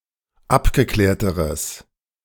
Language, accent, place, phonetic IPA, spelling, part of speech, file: German, Germany, Berlin, [ˈapɡəˌklɛːɐ̯təʁəs], abgeklärteres, adjective, De-abgeklärteres.ogg
- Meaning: strong/mixed nominative/accusative neuter singular comparative degree of abgeklärt